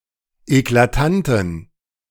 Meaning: inflection of eklatant: 1. strong genitive masculine/neuter singular 2. weak/mixed genitive/dative all-gender singular 3. strong/weak/mixed accusative masculine singular 4. strong dative plural
- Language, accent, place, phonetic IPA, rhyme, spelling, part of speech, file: German, Germany, Berlin, [eklaˈtantn̩], -antn̩, eklatanten, adjective, De-eklatanten.ogg